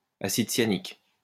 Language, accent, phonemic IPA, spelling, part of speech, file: French, France, /a.sid sja.nik/, acide cyanique, noun, LL-Q150 (fra)-acide cyanique.wav
- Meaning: cyanic acid